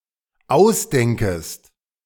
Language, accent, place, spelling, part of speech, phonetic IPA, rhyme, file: German, Germany, Berlin, ausdenkest, verb, [ˈaʊ̯sˌdɛŋkəst], -aʊ̯sdɛŋkəst, De-ausdenkest.ogg
- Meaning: second-person singular dependent subjunctive I of ausdenken